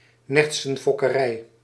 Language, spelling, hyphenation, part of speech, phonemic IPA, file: Dutch, nertsenfokkerij, nert‧sen‧fok‧ke‧rij, noun, /ˈnɛrt.sə(n).fɔ.kəˌrɛi̯/, Nl-nertsenfokkerij.ogg
- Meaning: a mink farm